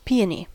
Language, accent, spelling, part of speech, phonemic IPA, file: English, US, peony, noun, /ˈpiːəni/, En-us-peony.ogg
- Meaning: 1. A flowering plant of the genus Paeonia with large fragrant flowers 2. A dark red colour